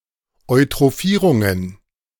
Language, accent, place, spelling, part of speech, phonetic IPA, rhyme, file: German, Germany, Berlin, Eutrophierungen, noun, [ɔɪ̯tʁoˈfiːʁʊŋən], -iːʁʊŋən, De-Eutrophierungen.ogg
- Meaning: plural of Eutrophierung